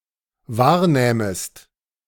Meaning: second-person singular dependent subjunctive II of wahrnehmen
- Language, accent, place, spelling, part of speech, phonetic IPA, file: German, Germany, Berlin, wahrnähmest, verb, [ˈvaːɐ̯ˌnɛːməst], De-wahrnähmest.ogg